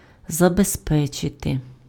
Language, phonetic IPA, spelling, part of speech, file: Ukrainian, [zɐbezˈpɛt͡ʃete], забезпечити, verb, Uk-забезпечити.ogg
- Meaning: 1. to secure, to ensure, to guarantee (to make sure and secure) 2. to provide, to supply